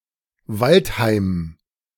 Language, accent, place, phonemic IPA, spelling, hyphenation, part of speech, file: German, Germany, Berlin, /ˈvalthaɪ̯m/, Waldheim, Wald‧heim, proper noun, De-Waldheim.ogg
- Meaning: 1. a town in Saxony, Germany 2. a surname